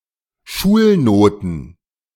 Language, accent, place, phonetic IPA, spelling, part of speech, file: German, Germany, Berlin, [ˈʃuːlˌnoːtn̩], Schulnoten, noun, De-Schulnoten.ogg
- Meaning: plural of Schulnote